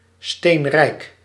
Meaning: filthy rich
- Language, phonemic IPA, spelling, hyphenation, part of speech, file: Dutch, /ˈsteːnrɛi̯k/, steenrijk, steen‧rijk, adjective, Nl-steenrijk.ogg